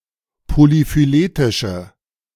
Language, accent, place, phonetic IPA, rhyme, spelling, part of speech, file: German, Germany, Berlin, [polifyˈleːtɪʃə], -eːtɪʃə, polyphyletische, adjective, De-polyphyletische.ogg
- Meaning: inflection of polyphyletisch: 1. strong/mixed nominative/accusative feminine singular 2. strong nominative/accusative plural 3. weak nominative all-gender singular